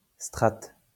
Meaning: stratum
- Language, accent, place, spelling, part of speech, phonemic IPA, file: French, France, Lyon, strate, noun, /stʁat/, LL-Q150 (fra)-strate.wav